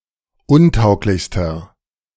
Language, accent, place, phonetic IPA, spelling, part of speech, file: German, Germany, Berlin, [ˈʊnˌtaʊ̯klɪçstɐ], untauglichster, adjective, De-untauglichster.ogg
- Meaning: inflection of untauglich: 1. strong/mixed nominative masculine singular superlative degree 2. strong genitive/dative feminine singular superlative degree 3. strong genitive plural superlative degree